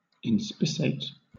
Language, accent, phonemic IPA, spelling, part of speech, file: English, Southern England, /ɪnˈspɪ.seɪt/, inspissate, verb, LL-Q1860 (eng)-inspissate.wav
- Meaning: 1. To thicken a fluid, in the sense of making it more viscous, especially by boiling, evaporation, or condensation; to condense 2. Of a fluid: to become more viscous